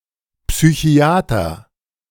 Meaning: psychiatrist (male or of unspecified gender)
- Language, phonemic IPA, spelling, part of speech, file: German, /psyˈçi̯aːtər/, Psychiater, noun, De-Psychiater.oga